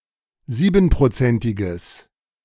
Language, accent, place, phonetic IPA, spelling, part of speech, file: German, Germany, Berlin, [ˈziːbn̩pʁoˌt͡sɛntɪɡəs], siebenprozentiges, adjective, De-siebenprozentiges.ogg
- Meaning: strong/mixed nominative/accusative neuter singular of siebenprozentig